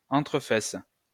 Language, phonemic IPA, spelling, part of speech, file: French, /fɛs/, fesses, noun / verb, LL-Q150 (fra)-fesses.wav
- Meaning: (noun) plural of fesse; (verb) second-person singular present indicative/subjunctive of fesser